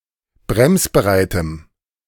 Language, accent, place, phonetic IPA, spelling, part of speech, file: German, Germany, Berlin, [ˈbʁɛmsbəˌʁaɪ̯təm], bremsbereitem, adjective, De-bremsbereitem.ogg
- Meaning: strong dative masculine/neuter singular of bremsbereit